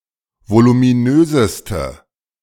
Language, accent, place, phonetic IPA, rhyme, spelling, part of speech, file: German, Germany, Berlin, [volumiˈnøːzəstə], -øːzəstə, voluminöseste, adjective, De-voluminöseste.ogg
- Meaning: inflection of voluminös: 1. strong/mixed nominative/accusative feminine singular superlative degree 2. strong nominative/accusative plural superlative degree